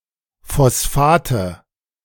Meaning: nominative/accusative/genitive plural of Phosphat
- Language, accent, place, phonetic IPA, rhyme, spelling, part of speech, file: German, Germany, Berlin, [fɔsˈfaːtə], -aːtə, Phosphate, noun, De-Phosphate.ogg